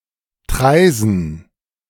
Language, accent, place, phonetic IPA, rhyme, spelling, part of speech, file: German, Germany, Berlin, [ˈtʁaɪ̯zn̩], -aɪ̯zn̩, Traisen, proper noun, De-Traisen.ogg
- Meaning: 1. a municipality of Lower Austria, Austria 2. a municipality of Rhineland-Palatinate, Germany 3. a river in Lower Austria, Austria